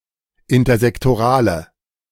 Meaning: inflection of intersektoral: 1. strong/mixed nominative/accusative feminine singular 2. strong nominative/accusative plural 3. weak nominative all-gender singular
- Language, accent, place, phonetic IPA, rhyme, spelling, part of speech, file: German, Germany, Berlin, [ɪntɐzɛktoˈʁaːlə], -aːlə, intersektorale, adjective, De-intersektorale.ogg